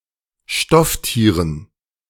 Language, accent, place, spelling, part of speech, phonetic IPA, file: German, Germany, Berlin, Stofftieren, noun, [ˈʃtɔfˌtiːʁən], De-Stofftieren.ogg
- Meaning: dative plural of Stofftier